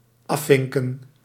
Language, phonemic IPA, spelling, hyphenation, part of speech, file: Dutch, /ˈɑˌfɪŋ.kə(n)/, afvinken, af‧vin‧ken, verb, Nl-afvinken.ogg
- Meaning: to check off (f.e. choices on form, often implying elimination of options, unlike aanvinken)